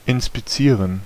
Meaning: to inspect
- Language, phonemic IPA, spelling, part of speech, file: German, /ɪnspiˈt͡siːʁən/, inspizieren, verb, De-inspizieren.ogg